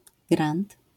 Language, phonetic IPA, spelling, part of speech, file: Polish, [ɡrãnt], grand, noun, LL-Q809 (pol)-grand.wav